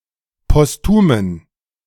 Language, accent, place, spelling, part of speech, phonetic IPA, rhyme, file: German, Germany, Berlin, postumen, adjective, [pɔsˈtuːmən], -uːmən, De-postumen.ogg
- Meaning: inflection of postum: 1. strong genitive masculine/neuter singular 2. weak/mixed genitive/dative all-gender singular 3. strong/weak/mixed accusative masculine singular 4. strong dative plural